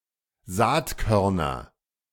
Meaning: nominative genitive accusative plural of Saatkorn
- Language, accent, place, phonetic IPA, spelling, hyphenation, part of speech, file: German, Germany, Berlin, [ˈzaːtˌkœʁnɐ], Saatkörner, Saat‧kör‧ner, noun, De-Saatkörner.ogg